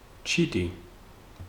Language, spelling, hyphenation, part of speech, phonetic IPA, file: Georgian, ჩიტი, ჩი‧ტი, noun, [t͡ʃʰitʼi], Ka-ჩიტი.ogg
- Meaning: 1. bird 2. sparrow 3. thickened grape-juice dripping from fresh churchkhela 4. (loom) reed/heald supports